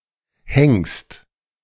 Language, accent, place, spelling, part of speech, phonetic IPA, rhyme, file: German, Germany, Berlin, hängst, verb, [hɛŋst], -ɛŋst, De-hängst.ogg
- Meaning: second-person singular present of hängen